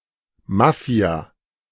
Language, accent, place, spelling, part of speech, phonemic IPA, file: German, Germany, Berlin, Mafia, noun, /ˈmafi̯a/, De-Mafia.ogg
- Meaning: mafia, Mafia